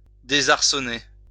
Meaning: 1. to unhorse, to unseat 2. to disconcert, to disarm
- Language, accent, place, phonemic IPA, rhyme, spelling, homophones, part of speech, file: French, France, Lyon, /de.zaʁ.sɔ.ne/, -e, désarçonner, désarçonnai / désarçonné / désarçonnée / désarçonnées / désarçonnés / désarçonnez, verb, LL-Q150 (fra)-désarçonner.wav